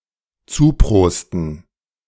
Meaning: to toast to
- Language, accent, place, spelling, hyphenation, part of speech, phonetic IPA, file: German, Germany, Berlin, zuprosten, zu‧pros‧ten, verb, [ˈt͡suːˌpʁoːstn̩], De-zuprosten.ogg